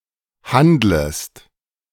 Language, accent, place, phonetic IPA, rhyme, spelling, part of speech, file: German, Germany, Berlin, [ˈhandləst], -andləst, handlest, verb, De-handlest.ogg
- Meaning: second-person singular subjunctive I of handeln